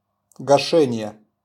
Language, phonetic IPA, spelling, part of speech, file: Russian, [ɡɐˈʂɛnʲɪje], гашение, noun, RU-гашение.wav
- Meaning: 1. extinguishing 2. cancellation 3. hydrating, slaking